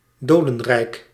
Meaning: realm of the dead, underworld
- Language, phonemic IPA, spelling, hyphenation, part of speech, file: Dutch, /ˈdoː.də(n)ˌrɛi̯k/, dodenrijk, do‧den‧rijk, noun, Nl-dodenrijk.ogg